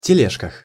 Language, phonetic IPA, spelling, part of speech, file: Russian, [tʲɪˈlʲeʂkəx], тележках, noun, Ru-тележках.ogg
- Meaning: prepositional plural of теле́жка (teléžka)